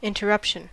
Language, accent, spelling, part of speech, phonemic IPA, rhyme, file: English, US, interruption, noun, /ˌɪntəˈɹʌpʃən/, -ʌpʃən, En-us-interruption.ogg
- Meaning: 1. The act of interrupting, or the state of being interrupted 2. the act of breaking into someone else’s speech 3. A time interval during which there is a cessation of something